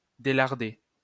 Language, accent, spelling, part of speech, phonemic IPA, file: French, France, délarder, verb, /de.laʁ.de/, LL-Q150 (fra)-délarder.wav
- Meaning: to splay